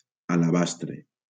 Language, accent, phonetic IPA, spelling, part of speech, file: Catalan, Valencia, [a.laˈbas.tɾe], alabastre, noun, LL-Q7026 (cat)-alabastre.wav
- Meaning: alabaster